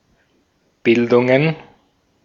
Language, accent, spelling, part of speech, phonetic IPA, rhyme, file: German, Austria, Bildungen, noun, [ˈbɪldʊŋən], -ɪldʊŋən, De-at-Bildungen.ogg
- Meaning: plural of Bildung